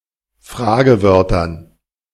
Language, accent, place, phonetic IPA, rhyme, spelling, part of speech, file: German, Germany, Berlin, [ˈfʁaːɡəˌvœʁtɐn], -aːɡəvœʁtɐn, Fragewörtern, noun, De-Fragewörtern.ogg
- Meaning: dative plural of Fragewort